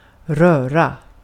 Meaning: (noun) 1. a mess, a disorder 2. a mix; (verb) 1. to move (a part of the body) 2. to touch: to be in physical contact with 3. to touch: to affect emotionally
- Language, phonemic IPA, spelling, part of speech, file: Swedish, /ˈrøːˌra/, röra, noun / verb, Sv-röra.ogg